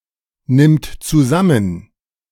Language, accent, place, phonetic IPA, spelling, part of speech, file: German, Germany, Berlin, [ˌnɪmt t͡suˈzamən], nimmt zusammen, verb, De-nimmt zusammen.ogg
- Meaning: third-person singular present of zusammennehmen